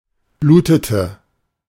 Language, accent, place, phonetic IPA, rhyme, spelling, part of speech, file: German, Germany, Berlin, [ˈbluːtətə], -uːtətə, blutete, verb, De-blutete.ogg
- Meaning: inflection of bluten: 1. first/third-person singular preterite 2. first/third-person singular subjunctive II